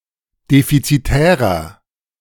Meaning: 1. comparative degree of defizitär 2. inflection of defizitär: strong/mixed nominative masculine singular 3. inflection of defizitär: strong genitive/dative feminine singular
- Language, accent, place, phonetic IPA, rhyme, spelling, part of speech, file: German, Germany, Berlin, [ˌdefit͡siˈtɛːʁɐ], -ɛːʁɐ, defizitärer, adjective, De-defizitärer.ogg